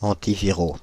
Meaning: masculine plural of antiviral
- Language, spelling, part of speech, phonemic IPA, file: French, antiviraux, adjective, /ɑ̃.ti.vi.ʁo/, Fr-antiviraux.ogg